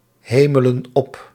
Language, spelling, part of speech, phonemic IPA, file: Dutch, hemelen op, verb, /ˈhemələ(n) ˈɔp/, Nl-hemelen op.ogg
- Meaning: inflection of ophemelen: 1. plural present indicative 2. plural present subjunctive